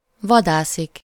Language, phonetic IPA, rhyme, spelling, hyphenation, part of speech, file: Hungarian, [ˈvɒdaːsik], -aːsik, vadászik, va‧dá‧szik, verb, Hu-vadászik.ogg
- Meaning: to hunt (for someone or something: -ra/-re)